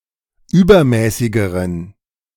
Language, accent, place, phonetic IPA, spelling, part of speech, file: German, Germany, Berlin, [ˈyːbɐˌmɛːsɪɡəʁən], übermäßigeren, adjective, De-übermäßigeren.ogg
- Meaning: inflection of übermäßig: 1. strong genitive masculine/neuter singular comparative degree 2. weak/mixed genitive/dative all-gender singular comparative degree